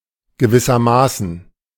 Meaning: in a way
- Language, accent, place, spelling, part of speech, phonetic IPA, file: German, Germany, Berlin, gewissermaßen, adverb, [ɡəˈvɪsɐˌmaːsn̩], De-gewissermaßen.ogg